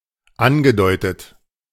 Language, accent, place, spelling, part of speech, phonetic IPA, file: German, Germany, Berlin, angedeutet, verb, [ˈanɡəˌdɔɪ̯tət], De-angedeutet.ogg
- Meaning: past participle of andeuten